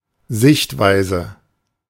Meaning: view, viewpoint, perspective, way of thinking, standpoint
- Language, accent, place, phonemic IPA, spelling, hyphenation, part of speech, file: German, Germany, Berlin, /ˈzɪçtˌvaɪ̯zə/, Sichtweise, Sicht‧wei‧se, noun, De-Sichtweise.ogg